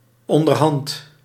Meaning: 1. gradually, bit by bit 2. by now, by this time, by this point
- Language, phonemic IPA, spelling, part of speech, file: Dutch, /ˈɔndərˌhɑnt/, onderhand, adverb / noun, Nl-onderhand.ogg